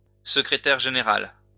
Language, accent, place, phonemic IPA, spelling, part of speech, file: French, France, Lyon, /sə.kʁe.tɛʁ ʒe.ne.ʁal/, secrétaire général, noun, LL-Q150 (fra)-secrétaire général.wav
- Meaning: secretary general